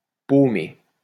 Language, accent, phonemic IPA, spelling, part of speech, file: French, France, /po.me/, paumer, verb, LL-Q150 (fra)-paumer.wav
- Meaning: 1. to strike, hit 2. to lose